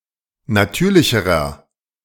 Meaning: inflection of natürlich: 1. strong/mixed nominative masculine singular comparative degree 2. strong genitive/dative feminine singular comparative degree 3. strong genitive plural comparative degree
- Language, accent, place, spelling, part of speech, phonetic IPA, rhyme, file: German, Germany, Berlin, natürlicherer, adjective, [naˈtyːɐ̯lɪçəʁɐ], -yːɐ̯lɪçəʁɐ, De-natürlicherer.ogg